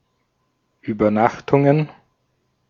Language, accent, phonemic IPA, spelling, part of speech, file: German, Austria, /ˌʔyːbɐˈnaxtʊŋən/, Übernachtungen, noun, De-at-Übernachtungen.ogg
- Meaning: plural of Übernachtung